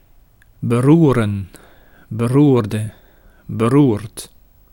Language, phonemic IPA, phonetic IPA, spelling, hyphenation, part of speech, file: Dutch, /bəˈrurə(n)/, [bəˈruːrə(n)], beroeren, be‧roe‧ren, verb, Nl-beroeren.ogg
- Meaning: 1. to stir up, to cause unrest in 2. to touch